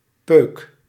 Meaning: 1. a cigarette butt, a stub 2. a cigarette, a fag, a smoke 3. a cigar stub 4. a blunt end, a butt
- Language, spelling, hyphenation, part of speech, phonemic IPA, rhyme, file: Dutch, peuk, peuk, noun, /pøːk/, -øːk, Nl-peuk.ogg